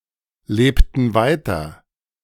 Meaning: inflection of weiterleben: 1. first/third-person plural preterite 2. first/third-person plural subjunctive II
- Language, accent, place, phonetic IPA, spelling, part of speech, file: German, Germany, Berlin, [ˌleːptn̩ ˈvaɪ̯tɐ], lebten weiter, verb, De-lebten weiter.ogg